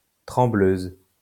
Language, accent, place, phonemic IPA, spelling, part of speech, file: French, France, Lyon, /tʁɑ̃.bløz/, trembleuse, noun, LL-Q150 (fra)-trembleuse.wav
- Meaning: female equivalent of trembleur